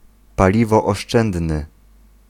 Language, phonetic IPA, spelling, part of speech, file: Polish, [ˌpalʲivɔːʃˈt͡ʃɛ̃ndnɨ], paliwooszczędny, adjective, Pl-paliwooszczędny.ogg